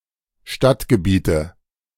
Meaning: nominative/accusative/genitive plural of Stadtgebiet
- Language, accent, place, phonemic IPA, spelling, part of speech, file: German, Germany, Berlin, /ˈʃtatɡəˌbiːtə/, Stadtgebiete, noun, De-Stadtgebiete.ogg